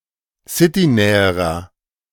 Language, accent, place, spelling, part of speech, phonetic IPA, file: German, Germany, Berlin, citynäherer, adjective, [ˈsɪtiˌnɛːəʁɐ], De-citynäherer.ogg
- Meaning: inflection of citynah: 1. strong/mixed nominative masculine singular comparative degree 2. strong genitive/dative feminine singular comparative degree 3. strong genitive plural comparative degree